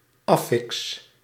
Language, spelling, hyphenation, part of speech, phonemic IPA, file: Dutch, affix, af‧fix, noun, /ˈɑ.fɪks/, Nl-affix.ogg
- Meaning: Affix (linguistics and mathematics)